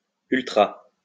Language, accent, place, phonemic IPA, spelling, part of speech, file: French, France, Lyon, /yl.tʁa/, ultra, adjective / noun, LL-Q150 (fra)-ultra.wav
- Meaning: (adjective) ultra, extreme; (noun) 1. extremist 2. an ultraroyalist during the Bourbon Restoration period in France